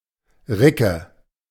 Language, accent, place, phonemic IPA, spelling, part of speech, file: German, Germany, Berlin, /ˈrɪkə/, Ricke, noun, De-Ricke.ogg
- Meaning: female roe deer, doe